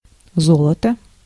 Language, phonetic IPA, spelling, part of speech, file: Russian, [ˈzoɫətə], золото, noun, Ru-золото.ogg
- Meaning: gold (metal)